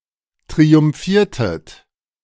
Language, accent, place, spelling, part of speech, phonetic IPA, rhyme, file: German, Germany, Berlin, triumphiertet, verb, [tʁiʊmˈfiːɐ̯tət], -iːɐ̯tət, De-triumphiertet.ogg
- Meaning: inflection of triumphieren: 1. second-person plural preterite 2. second-person plural subjunctive II